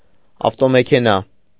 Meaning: automobile
- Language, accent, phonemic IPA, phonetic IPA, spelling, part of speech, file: Armenian, Eastern Armenian, /ɑftomekʰeˈnɑ/, [ɑftomekʰenɑ́], ավտոմեքենա, noun, Hy-ավտոմեքենա.ogg